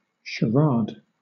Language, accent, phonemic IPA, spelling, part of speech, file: English, Southern England, /ʃəˈɹɑːd/, charade, noun / verb, LL-Q1860 (eng)-charade.wav
- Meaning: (noun) A genre of riddles where the clues to the answer are descriptions or puns on its syllables, with a final clue to the whole